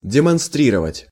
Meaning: to demonstrate, to exhibit, to show
- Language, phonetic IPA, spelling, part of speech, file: Russian, [dʲɪmɐnˈstrʲirəvətʲ], демонстрировать, verb, Ru-демонстрировать.ogg